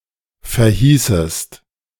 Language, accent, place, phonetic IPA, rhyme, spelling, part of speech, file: German, Germany, Berlin, [fɛɐ̯ˈhiːsəst], -iːsəst, verhießest, verb, De-verhießest.ogg
- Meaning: second-person singular subjunctive II of verheißen